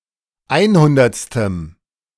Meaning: strong dative masculine/neuter singular of einhundertste
- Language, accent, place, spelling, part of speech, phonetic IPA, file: German, Germany, Berlin, einhundertstem, adjective, [ˈaɪ̯nˌhʊndɐt͡stəm], De-einhundertstem.ogg